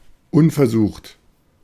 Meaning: untried
- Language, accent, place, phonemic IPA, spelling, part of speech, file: German, Germany, Berlin, /ˈʊnfɛɐ̯ˌzuːχt/, unversucht, adjective, De-unversucht.ogg